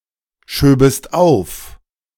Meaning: second-person singular subjunctive II of aufschieben
- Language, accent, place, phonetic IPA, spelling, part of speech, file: German, Germany, Berlin, [ˌʃøːbəst ˈaʊ̯f], schöbest auf, verb, De-schöbest auf.ogg